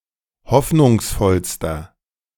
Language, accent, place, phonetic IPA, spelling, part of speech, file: German, Germany, Berlin, [ˈhɔfnʊŋsˌfɔlstɐ], hoffnungsvollster, adjective, De-hoffnungsvollster.ogg
- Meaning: inflection of hoffnungsvoll: 1. strong/mixed nominative masculine singular superlative degree 2. strong genitive/dative feminine singular superlative degree